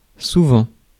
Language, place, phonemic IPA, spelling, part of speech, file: French, Paris, /su.vɑ̃/, souvent, adverb, Fr-souvent.ogg
- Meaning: often